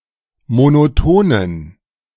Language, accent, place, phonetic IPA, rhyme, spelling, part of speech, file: German, Germany, Berlin, [monoˈtoːnən], -oːnən, monotonen, adjective, De-monotonen.ogg
- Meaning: inflection of monoton: 1. strong genitive masculine/neuter singular 2. weak/mixed genitive/dative all-gender singular 3. strong/weak/mixed accusative masculine singular 4. strong dative plural